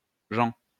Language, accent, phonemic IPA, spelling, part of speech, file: French, France, /ʒɑ̃/, gent, noun / adjective, LL-Q150 (fra)-gent.wav
- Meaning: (noun) 1. people, nation 2. race, species (of animals) 3. tribe 4. company, those who are in accompaniment; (adjective) nice, pleasant, or noble, speaking of a person or thing